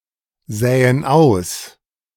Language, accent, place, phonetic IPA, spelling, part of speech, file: German, Germany, Berlin, [ˌzɛːən ˈaʊ̯s], sähen aus, verb, De-sähen aus.ogg
- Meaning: first/third-person plural subjunctive II of aussehen